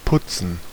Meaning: 1. to clean, especially by rubbing with something wet, to brush (one's teeth) 2. to groom oneself 3. to beautify oneself by washing, styling, and putting on fancy clothes 4. to plaster
- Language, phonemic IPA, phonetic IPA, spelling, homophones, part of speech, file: German, /ˈpʊt͡sn̩/, [ˈpʰʊtsən], putzen, Putzen, verb, De-putzen.ogg